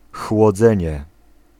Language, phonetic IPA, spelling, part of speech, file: Polish, [xwɔˈd͡zɛ̃ɲɛ], chłodzenie, noun, Pl-chłodzenie.ogg